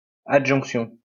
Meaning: addition, attachment
- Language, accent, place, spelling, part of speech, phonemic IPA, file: French, France, Lyon, adjonction, noun, /a.dʒɔ̃k.sjɔ̃/, LL-Q150 (fra)-adjonction.wav